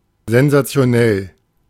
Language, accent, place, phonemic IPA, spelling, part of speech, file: German, Germany, Berlin, /zɛnzat͡si̯oˈnɛl/, sensationell, adjective, De-sensationell.ogg
- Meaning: sensational